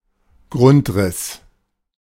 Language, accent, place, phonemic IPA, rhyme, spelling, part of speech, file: German, Germany, Berlin, /ˈɡʁʊntˌʁɪs/, -ɪs, Grundriss, noun, De-Grundriss.ogg
- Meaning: 1. floor plan 2. outline